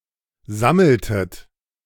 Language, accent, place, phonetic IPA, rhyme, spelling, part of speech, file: German, Germany, Berlin, [ˈzaml̩tət], -aml̩tət, sammeltet, verb, De-sammeltet.ogg
- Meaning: inflection of sammeln: 1. second-person plural preterite 2. second-person plural subjunctive II